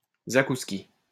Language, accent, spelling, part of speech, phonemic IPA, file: French, France, zakouski, noun, /za.kus.ki/, LL-Q150 (fra)-zakouski.wav
- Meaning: an hors-d'oeuvre, especially one of Russian or Polish style